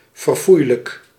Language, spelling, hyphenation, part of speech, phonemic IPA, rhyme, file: Dutch, verfoeilijk, ver‧foei‧lijk, adjective, /vərˈfui̯.lək/, -ui̯lək, Nl-verfoeilijk.ogg
- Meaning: abominable, detestable, despicable, execrable